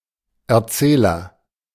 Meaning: narrator
- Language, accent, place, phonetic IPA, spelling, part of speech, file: German, Germany, Berlin, [ʔɛɐ̯ˈtsɛːlɐ], Erzähler, noun, De-Erzähler.ogg